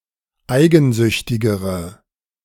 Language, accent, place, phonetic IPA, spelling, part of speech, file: German, Germany, Berlin, [ˈaɪ̯ɡn̩ˌzʏçtɪɡəʁə], eigensüchtigere, adjective, De-eigensüchtigere.ogg
- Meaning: inflection of eigensüchtig: 1. strong/mixed nominative/accusative feminine singular comparative degree 2. strong nominative/accusative plural comparative degree